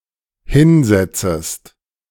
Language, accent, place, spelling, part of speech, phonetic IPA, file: German, Germany, Berlin, hinsetzest, verb, [ˈhɪnˌzɛt͡səst], De-hinsetzest.ogg
- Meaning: second-person singular dependent subjunctive I of hinsetzen